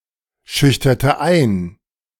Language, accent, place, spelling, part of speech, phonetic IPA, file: German, Germany, Berlin, schüchterte ein, verb, [ˌʃʏçtɐtə ˈaɪ̯n], De-schüchterte ein.ogg
- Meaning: inflection of einschüchtern: 1. first/third-person singular preterite 2. first/third-person singular subjunctive II